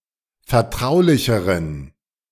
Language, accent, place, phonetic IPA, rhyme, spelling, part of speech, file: German, Germany, Berlin, [fɛɐ̯ˈtʁaʊ̯lɪçəʁən], -aʊ̯lɪçəʁən, vertraulicheren, adjective, De-vertraulicheren.ogg
- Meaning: inflection of vertraulich: 1. strong genitive masculine/neuter singular comparative degree 2. weak/mixed genitive/dative all-gender singular comparative degree